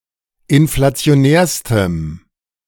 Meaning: strong dative masculine/neuter singular superlative degree of inflationär
- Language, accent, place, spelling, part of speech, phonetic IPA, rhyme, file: German, Germany, Berlin, inflationärstem, adjective, [ɪnflat͡si̯oˈnɛːɐ̯stəm], -ɛːɐ̯stəm, De-inflationärstem.ogg